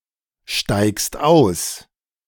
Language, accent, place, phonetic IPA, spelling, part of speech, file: German, Germany, Berlin, [ˌʃtaɪ̯kst ˈaʊ̯s], steigst aus, verb, De-steigst aus.ogg
- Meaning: second-person singular present of aussteigen